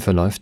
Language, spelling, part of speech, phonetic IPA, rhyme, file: German, verläuft, verb, [fɛɐ̯ˈlɔɪ̯ft], -ɔɪ̯ft, De-verläuft.ogg
- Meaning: third-person singular present of verlaufen